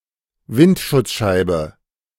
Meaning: windshield/windscreen (front window of a car)
- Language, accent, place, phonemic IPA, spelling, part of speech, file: German, Germany, Berlin, /ˈvɪntʃʊt͡sˌʃaɪ̯bə/, Windschutzscheibe, noun, De-Windschutzscheibe.ogg